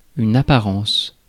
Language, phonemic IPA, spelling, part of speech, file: French, /a.pa.ʁɑ̃s/, apparence, noun, Fr-apparence.ogg
- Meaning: appearance